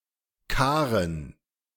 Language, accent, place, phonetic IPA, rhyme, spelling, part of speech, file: German, Germany, Berlin, [ˈkaːʁən], -aːʁən, Karen, noun, De-Karen.ogg
- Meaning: a female given name, a much less popular variant of Karin